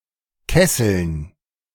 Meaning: dative plural of Kessel
- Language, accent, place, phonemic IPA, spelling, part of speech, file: German, Germany, Berlin, /ˈkɛsl̩n/, Kesseln, noun, De-Kesseln.ogg